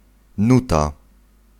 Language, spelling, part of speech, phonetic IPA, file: Polish, nuta, noun, [ˈnuta], Pl-nuta.ogg